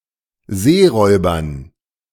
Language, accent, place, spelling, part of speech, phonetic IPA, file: German, Germany, Berlin, Seeräubern, noun, [ˈzeːˌʁɔɪ̯bɐn], De-Seeräubern.ogg
- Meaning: dative plural of Seeräuber